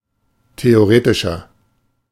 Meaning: inflection of theoretisch: 1. strong/mixed nominative masculine singular 2. strong genitive/dative feminine singular 3. strong genitive plural
- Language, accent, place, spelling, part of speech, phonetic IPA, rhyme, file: German, Germany, Berlin, theoretischer, adjective, [teoˈʁeːtɪʃɐ], -eːtɪʃɐ, De-theoretischer.ogg